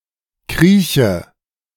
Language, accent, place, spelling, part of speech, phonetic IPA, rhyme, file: German, Germany, Berlin, krieche, verb, [ˈkʁiːçə], -iːçə, De-krieche.ogg
- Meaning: inflection of kriechen: 1. first-person singular present 2. first/third-person singular subjunctive I 3. singular imperative